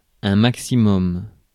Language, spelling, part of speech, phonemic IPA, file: French, maximum, noun, /mak.si.mɔm/, Fr-maximum.ogg
- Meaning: maximum